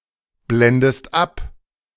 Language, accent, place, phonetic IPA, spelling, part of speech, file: German, Germany, Berlin, [ˌblɛndəst ˈap], blendest ab, verb, De-blendest ab.ogg
- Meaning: inflection of abblenden: 1. second-person singular present 2. second-person singular subjunctive I